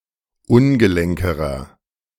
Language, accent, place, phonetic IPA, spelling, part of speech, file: German, Germany, Berlin, [ˈʊnɡəˌlɛŋkəʁɐ], ungelenkerer, adjective, De-ungelenkerer.ogg
- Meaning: inflection of ungelenk: 1. strong/mixed nominative masculine singular comparative degree 2. strong genitive/dative feminine singular comparative degree 3. strong genitive plural comparative degree